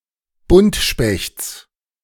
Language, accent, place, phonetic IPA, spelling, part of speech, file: German, Germany, Berlin, [ˈbʊntʃpɛçt͡s], Buntspechts, noun, De-Buntspechts.ogg
- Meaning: genitive of Buntspecht